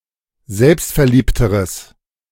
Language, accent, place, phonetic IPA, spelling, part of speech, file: German, Germany, Berlin, [ˈzɛlpstfɛɐ̯ˌliːptəʁəs], selbstverliebteres, adjective, De-selbstverliebteres.ogg
- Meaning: strong/mixed nominative/accusative neuter singular comparative degree of selbstverliebt